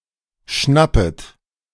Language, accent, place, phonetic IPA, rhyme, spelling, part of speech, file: German, Germany, Berlin, [ˈʃnapət], -apət, schnappet, verb, De-schnappet.ogg
- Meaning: second-person plural subjunctive I of schnappen